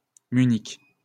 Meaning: Munich (the capital and largest city of Bavaria, Germany)
- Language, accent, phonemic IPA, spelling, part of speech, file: French, France, /my.nik/, Munich, proper noun, LL-Q150 (fra)-Munich.wav